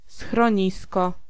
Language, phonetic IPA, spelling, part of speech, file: Polish, [sxrɔ̃ˈɲiskɔ], schronisko, noun, Pl-schronisko.ogg